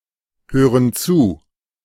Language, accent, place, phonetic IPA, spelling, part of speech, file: German, Germany, Berlin, [ˌhøːʁən ˈt͡suː], hören zu, verb, De-hören zu.ogg
- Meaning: inflection of zuhören: 1. first/third-person plural present 2. first/third-person plural subjunctive I